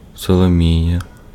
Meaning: a female given name, Solomiya
- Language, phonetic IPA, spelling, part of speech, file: Ukrainian, [sɔɫoˈmʲijɐ], Соломія, proper noun, Uk-Соломія.ogg